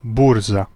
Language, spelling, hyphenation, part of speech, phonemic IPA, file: Serbo-Croatian, burza, bur‧za, noun, /bûrza/, Hr-burza.ogg
- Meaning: stock exchange, exchange, financial market